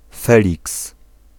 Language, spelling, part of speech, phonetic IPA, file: Polish, Feliks, proper noun, [ˈfɛlʲiks], Pl-Feliks.ogg